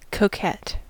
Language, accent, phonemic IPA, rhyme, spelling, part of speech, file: English, US, /koʊˈkɛt/, -ɛt, coquette, noun / verb / adjective, En-us-coquette.ogg
- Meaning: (noun) 1. A woman who flirts or plays with people's affections 2. Any hummingbird in the genus Lophornis; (verb) Alternative form of coquet